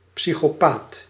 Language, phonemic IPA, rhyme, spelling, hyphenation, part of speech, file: Dutch, /ˌpsi.xoːˈpaːt/, -aːt, psychopaat, psy‧cho‧paat, noun, Nl-psychopaat.ogg
- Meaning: psychopath